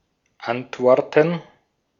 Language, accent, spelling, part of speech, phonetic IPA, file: German, Austria, Antworten, noun, [ˈantˌvɔʁtn̩], De-at-Antworten.ogg
- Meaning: 1. gerund of antworten 2. plural of Antwort